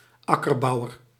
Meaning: a tiller, a farmer who cultivates crops on fields
- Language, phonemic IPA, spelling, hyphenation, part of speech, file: Dutch, /ˈɑ.kərˌbɑu̯.ər/, akkerbouwer, ak‧ker‧bou‧wer, noun, Nl-akkerbouwer.ogg